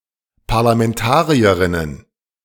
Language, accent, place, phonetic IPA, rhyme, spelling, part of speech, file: German, Germany, Berlin, [paʁlamɛnˈtaːʁiəʁɪnən], -aːʁiəʁɪnən, Parlamentarierinnen, noun, De-Parlamentarierinnen.ogg
- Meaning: plural of Parlamentarierin